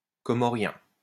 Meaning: Comorian
- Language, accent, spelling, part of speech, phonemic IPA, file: French, France, comorien, adjective, /kɔ.mɔ.ʁjɛ̃/, LL-Q150 (fra)-comorien.wav